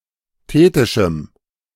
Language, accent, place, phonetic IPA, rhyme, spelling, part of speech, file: German, Germany, Berlin, [ˈteːtɪʃm̩], -eːtɪʃm̩, thetischem, adjective, De-thetischem.ogg
- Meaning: strong dative masculine/neuter singular of thetisch